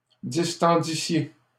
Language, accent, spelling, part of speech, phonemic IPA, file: French, Canada, distendissiez, verb, /dis.tɑ̃.di.sje/, LL-Q150 (fra)-distendissiez.wav
- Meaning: second-person plural imperfect subjunctive of distendre